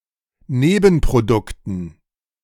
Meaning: dative plural of Nebenprodukt
- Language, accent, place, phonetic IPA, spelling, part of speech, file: German, Germany, Berlin, [ˈneːbn̩pʁoˌdʊktn̩], Nebenprodukten, noun, De-Nebenprodukten.ogg